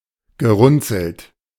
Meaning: past participle of runzeln
- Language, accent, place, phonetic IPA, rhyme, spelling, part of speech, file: German, Germany, Berlin, [ɡəˈʁʊnt͡sl̩t], -ʊnt͡sl̩t, gerunzelt, verb, De-gerunzelt.ogg